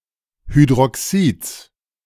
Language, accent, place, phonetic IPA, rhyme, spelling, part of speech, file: German, Germany, Berlin, [hydʁɔˈksiːt͡s], -iːt͡s, Hydroxids, noun, De-Hydroxids.ogg
- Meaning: genitive singular of Hydroxid